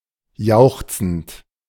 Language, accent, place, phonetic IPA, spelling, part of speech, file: German, Germany, Berlin, [ˈjaʊ̯xt͡sn̩t], jauchzend, verb, De-jauchzend.ogg
- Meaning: present participle of jauchzen